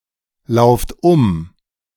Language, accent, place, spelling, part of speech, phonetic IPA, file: German, Germany, Berlin, lauft um, verb, [ˌlaʊ̯ft ˈʊm], De-lauft um.ogg
- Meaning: inflection of umlaufen: 1. second-person plural present 2. plural imperative